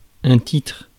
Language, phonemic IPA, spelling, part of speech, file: French, /titʁ/, titre, noun, Fr-titre.ogg
- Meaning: 1. heading, title (name of a piece of work) 2. title (extra name bestowed upon somebody) 3. titre 4. tittle (the point on top of the letter i)